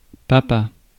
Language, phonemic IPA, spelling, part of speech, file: French, /pa.pa/, papa, noun, Fr-papa.ogg
- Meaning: 1. papa, a child's father; also as form of address: dad, daddy 2. pops, any man of roughly fatherly age and appearance